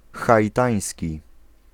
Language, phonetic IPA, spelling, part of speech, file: Polish, [ˌxaʲiˈtãj̃sʲci], haitański, adjective, Pl-haitański.ogg